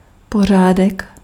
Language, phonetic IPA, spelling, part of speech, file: Czech, [ˈpor̝aːdɛk], pořádek, noun, Cs-pořádek.ogg
- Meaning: order